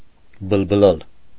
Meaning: 1. to chatter, to jabber, to babble, to prattle, to talk nonsense 2. to sing (said of birds)
- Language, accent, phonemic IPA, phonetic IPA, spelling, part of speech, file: Armenian, Eastern Armenian, /bəlbəˈlɑl/, [bəlbəlɑ́l], բլբլալ, verb, Hy-բլբլալ.ogg